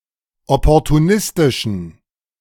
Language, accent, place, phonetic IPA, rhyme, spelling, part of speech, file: German, Germany, Berlin, [ˌɔpɔʁtuˈnɪstɪʃn̩], -ɪstɪʃn̩, opportunistischen, adjective, De-opportunistischen.ogg
- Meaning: inflection of opportunistisch: 1. strong genitive masculine/neuter singular 2. weak/mixed genitive/dative all-gender singular 3. strong/weak/mixed accusative masculine singular 4. strong dative plural